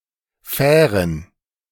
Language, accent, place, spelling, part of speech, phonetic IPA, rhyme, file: German, Germany, Berlin, Fähren, noun, [ˈfɛːʁən], -ɛːʁən, De-Fähren.ogg
- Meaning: plural of Fähre